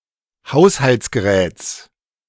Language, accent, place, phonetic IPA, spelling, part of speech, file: German, Germany, Berlin, [ˈhaʊ̯shalt͡sɡəˌʁɛːt͡s], Haushaltsgeräts, noun, De-Haushaltsgeräts.ogg
- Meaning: genitive of Haushaltsgerät